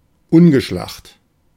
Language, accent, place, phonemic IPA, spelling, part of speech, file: German, Germany, Berlin, /ˈʊnɡəˌʃlaχt/, ungeschlacht, adjective, De-ungeschlacht.ogg
- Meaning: clumsy, gross